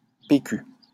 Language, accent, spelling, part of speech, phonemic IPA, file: French, France, PQ, noun / proper noun, /pe.ky/, LL-Q150 (fra)-PQ.wav
- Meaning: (noun) initialism of papier cul loo roll (UK), bog roll (UK, Aust.), TP (toilet paper) (US); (proper noun) 1. initialism of Parti Québécois 2. initialism of province de Québec